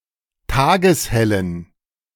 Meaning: inflection of tageshell: 1. strong genitive masculine/neuter singular 2. weak/mixed genitive/dative all-gender singular 3. strong/weak/mixed accusative masculine singular 4. strong dative plural
- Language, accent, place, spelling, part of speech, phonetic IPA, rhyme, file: German, Germany, Berlin, tageshellen, adjective, [ˈtaːɡəsˈhɛlən], -ɛlən, De-tageshellen.ogg